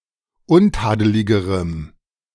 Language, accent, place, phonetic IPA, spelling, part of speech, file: German, Germany, Berlin, [ˈʊnˌtaːdəlɪɡəʁəm], untadeligerem, adjective, De-untadeligerem.ogg
- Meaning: strong dative masculine/neuter singular comparative degree of untadelig